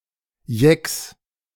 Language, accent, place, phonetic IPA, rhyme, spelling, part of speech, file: German, Germany, Berlin, [jɛks], -ɛks, Jecks, noun, De-Jecks.ogg
- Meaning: genitive singular of Jeck